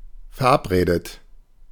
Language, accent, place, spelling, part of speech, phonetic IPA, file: German, Germany, Berlin, verabredet, verb, [fɛɐ̯ˈʔapˌʁeːdət], De-verabredet.ogg
- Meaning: past participle of verabreden